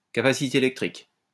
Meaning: capacitance (property of an element of an electrical circuit)
- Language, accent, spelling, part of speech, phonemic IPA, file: French, France, capacité électrique, noun, /ka.pa.si.te e.lɛk.tʁik/, LL-Q150 (fra)-capacité électrique.wav